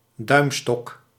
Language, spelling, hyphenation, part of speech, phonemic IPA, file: Dutch, duimstok, duim‧stok, noun, /ˈdœy̯m.stɔk/, Nl-duimstok.ogg
- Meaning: foldable meter stick, foldable yardstick (foldable measuring rod, nowadays at least a meter in length)